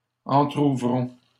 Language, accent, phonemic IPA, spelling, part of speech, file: French, Canada, /ɑ̃.tʁu.vʁɔ̃/, entrouvrons, verb, LL-Q150 (fra)-entrouvrons.wav
- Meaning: inflection of entrouvrir: 1. first-person plural present indicative 2. first-person plural imperative